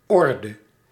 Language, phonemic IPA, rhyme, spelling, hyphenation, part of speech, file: Dutch, /ˈɔr.də/, -ɔrdə, orde, or‧de, noun, Nl-orde.ogg
- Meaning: order: 1. state of being ordered, arranged, in line with rules 2. group, society 3. taxonomic order 4. order (decoration)